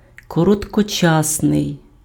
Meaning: short-term, of short duration, short-lasting, short-lived, transitory
- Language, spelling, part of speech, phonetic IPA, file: Ukrainian, короткочасний, adjective, [kɔrɔtkɔˈt͡ʃasnei̯], Uk-короткочасний.ogg